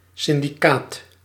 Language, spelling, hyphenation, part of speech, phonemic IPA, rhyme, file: Dutch, syndicaat, syn‧di‧caat, noun, /ˌsɪn.diˈkaːt/, -aːt, Nl-syndicaat.ogg
- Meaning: 1. trade union, labour union 2. association, society 3. criminal syndicate 4. consortium, syndicate (group of companies that pool business, esp. sale or purchases)